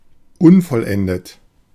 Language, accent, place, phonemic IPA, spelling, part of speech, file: German, Germany, Berlin, /ˈʊnfɔlˌʔɛndət/, unvollendet, adjective, De-unvollendet.ogg
- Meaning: unfinished, incomplete